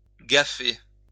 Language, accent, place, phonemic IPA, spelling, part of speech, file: French, France, Lyon, /ɡa.fe/, gaffer, verb, LL-Q150 (fra)-gaffer.wav
- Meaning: 1. to make a gaffe; to mess up; botch up 2. to gaffer tape